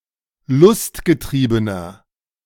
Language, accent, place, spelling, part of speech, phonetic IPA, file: German, Germany, Berlin, lustgetriebener, adjective, [ˈlʊstɡəˌtʁiːbənɐ], De-lustgetriebener.ogg
- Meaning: inflection of lustgetrieben: 1. strong/mixed nominative masculine singular 2. strong genitive/dative feminine singular 3. strong genitive plural